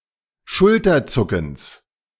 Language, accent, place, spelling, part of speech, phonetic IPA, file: German, Germany, Berlin, Schulterzuckens, noun, [ˈʃʊltɐˌt͡sʊkn̩s], De-Schulterzuckens.ogg
- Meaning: genitive of Schulterzucken